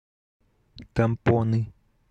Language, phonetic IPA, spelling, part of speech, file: Russian, [tɐmˈponɨ], тампоны, noun, Ru-тампоны.ogg
- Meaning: nominative/accusative plural of тампо́н (tampón)